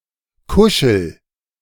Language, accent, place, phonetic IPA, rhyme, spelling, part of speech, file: German, Germany, Berlin, [ˈkʊʃl̩], -ʊʃl̩, kuschel, verb, De-kuschel.ogg
- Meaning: inflection of kuscheln: 1. first-person singular present 2. singular imperative